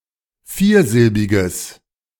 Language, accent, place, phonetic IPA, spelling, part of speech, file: German, Germany, Berlin, [ˈfiːɐ̯ˌzɪlbɪɡəs], viersilbiges, adjective, De-viersilbiges.ogg
- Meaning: strong/mixed nominative/accusative neuter singular of viersilbig